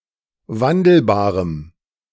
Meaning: strong dative masculine/neuter singular of wandelbar
- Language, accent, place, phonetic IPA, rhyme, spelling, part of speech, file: German, Germany, Berlin, [ˈvandl̩baːʁəm], -andl̩baːʁəm, wandelbarem, adjective, De-wandelbarem.ogg